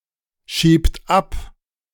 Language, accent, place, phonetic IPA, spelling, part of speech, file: German, Germany, Berlin, [ˌʃiːpt ˈap], schiebt ab, verb, De-schiebt ab.ogg
- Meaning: inflection of abschieben: 1. third-person singular present 2. second-person plural present 3. plural imperative